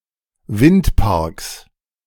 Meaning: plural of Windpark
- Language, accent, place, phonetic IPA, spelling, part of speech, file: German, Germany, Berlin, [ˈvɪntˌpaʁks], Windparks, noun, De-Windparks.ogg